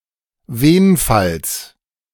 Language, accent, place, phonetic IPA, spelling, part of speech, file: German, Germany, Berlin, [ˈveːnfals], Wenfalls, noun, De-Wenfalls.ogg
- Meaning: genitive singular of Wenfall